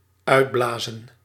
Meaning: 1. to blow empty 2. to blow out, extinguish by breathing or draft 3. to take a breather, rest to recuperate
- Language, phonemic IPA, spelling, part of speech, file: Dutch, /ˈœy̯tˌblaːzə(n)/, uitblazen, verb, Nl-uitblazen.ogg